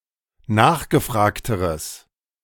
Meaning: strong/mixed nominative/accusative neuter singular comparative degree of nachgefragt
- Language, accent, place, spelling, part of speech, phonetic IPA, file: German, Germany, Berlin, nachgefragteres, adjective, [ˈnaːxɡəˌfʁaːktəʁəs], De-nachgefragteres.ogg